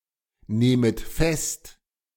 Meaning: second-person plural subjunctive I of festnehmen
- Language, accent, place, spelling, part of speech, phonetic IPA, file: German, Germany, Berlin, nehmet fest, verb, [ˌneːmət ˈfɛst], De-nehmet fest.ogg